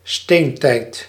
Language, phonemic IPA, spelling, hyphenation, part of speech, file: Dutch, /ˈsteːn.tɛi̯t/, steentijd, steen‧tijd, proper noun, Nl-steentijd.ogg
- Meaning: Stone Age